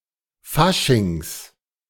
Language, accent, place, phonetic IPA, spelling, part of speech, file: German, Germany, Berlin, [ˈfaʃɪŋs], Faschings, noun, De-Faschings.ogg
- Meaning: plural of Fasching